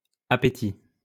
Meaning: plural of appétit
- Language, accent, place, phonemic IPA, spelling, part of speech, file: French, France, Lyon, /a.pe.ti/, appétits, noun, LL-Q150 (fra)-appétits.wav